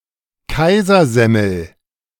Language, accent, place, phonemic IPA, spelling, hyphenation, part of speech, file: German, Germany, Berlin, /ˈkaɪ̯zɐzɛml̩/, Kaisersemmel, Kai‧ser‧sem‧mel, noun, De-Kaisersemmel.ogg
- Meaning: Kaiser roll